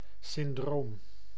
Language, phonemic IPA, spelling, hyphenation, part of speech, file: Dutch, /sɪnˈdroːm/, syndroom, syn‧droom, noun, Nl-syndroom.ogg
- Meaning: syndrome